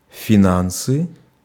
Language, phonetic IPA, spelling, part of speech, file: Russian, [fʲɪˈnansɨ], финансы, noun, Ru-финансы.ogg
- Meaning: finance (management of money and other assets, the monetary resources)